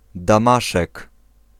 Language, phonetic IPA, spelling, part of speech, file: Polish, [dãˈmaʃɛk], Damaszek, proper noun, Pl-Damaszek.ogg